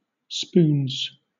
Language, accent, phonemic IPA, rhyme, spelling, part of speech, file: English, Southern England, /spuːnz/, -uːnz, spoons, adjective / noun / verb, LL-Q1860 (eng)-spoons.wav
- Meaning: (adjective) Foolishly infatuated with; having a romantic crush on (used with on); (noun) 1. A child's card game 2. A pair of spoons used as a musical instrument by tapping them on parts of the body